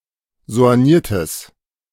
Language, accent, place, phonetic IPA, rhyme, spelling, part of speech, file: German, Germany, Berlin, [zo̯anˈjiːɐ̯təs], -iːɐ̯təs, soigniertes, adjective, De-soigniertes.ogg
- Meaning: strong/mixed nominative/accusative neuter singular of soigniert